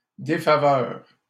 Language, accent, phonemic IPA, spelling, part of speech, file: French, Canada, /de.fa.vœʁ/, défaveur, noun, LL-Q150 (fra)-défaveur.wav
- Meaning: disfavour